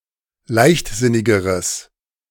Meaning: strong/mixed nominative/accusative neuter singular comparative degree of leichtsinnig
- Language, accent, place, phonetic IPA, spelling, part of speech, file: German, Germany, Berlin, [ˈlaɪ̯çtˌzɪnɪɡəʁəs], leichtsinnigeres, adjective, De-leichtsinnigeres.ogg